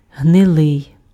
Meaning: 1. rotten, putrid 2. damp (weather, climate)
- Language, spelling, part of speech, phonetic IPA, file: Ukrainian, гнилий, adjective, [ɦneˈɫɪi̯], Uk-гнилий.ogg